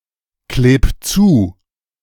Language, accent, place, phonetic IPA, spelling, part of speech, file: German, Germany, Berlin, [ˌkleːp ˈt͡suː], kleb zu, verb, De-kleb zu.ogg
- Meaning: 1. singular imperative of zukleben 2. first-person singular present of zukleben